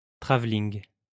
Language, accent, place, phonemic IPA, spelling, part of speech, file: French, France, Lyon, /tʁa.vliŋ/, travelling, noun, LL-Q150 (fra)-travelling.wav
- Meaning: 1. dolly, camera dolly (a specialized piece of film equipment resembling a little cart on which a camera is mounted) 2. travelling shot